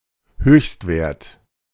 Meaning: maximum (value)
- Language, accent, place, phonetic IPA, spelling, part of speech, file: German, Germany, Berlin, [ˈhøːçstˌveːɐ̯t], Höchstwert, noun, De-Höchstwert.ogg